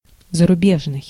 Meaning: foreign (from a different country)
- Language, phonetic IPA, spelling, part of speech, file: Russian, [zərʊˈbʲeʐnɨj], зарубежный, adjective, Ru-зарубежный.ogg